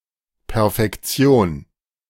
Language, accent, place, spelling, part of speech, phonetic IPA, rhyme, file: German, Germany, Berlin, Perfektion, noun, [pɛʁfɛkˈt͡si̯oːn], -oːn, De-Perfektion.ogg
- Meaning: perfection